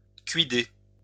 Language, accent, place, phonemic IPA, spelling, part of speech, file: French, France, Lyon, /kɥi.de/, cuider, verb, LL-Q150 (fra)-cuider.wav
- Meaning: to think, to consider